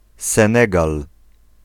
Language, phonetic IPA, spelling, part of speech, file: Polish, [sɛ̃ˈnɛɡal], Senegal, proper noun, Pl-Senegal.ogg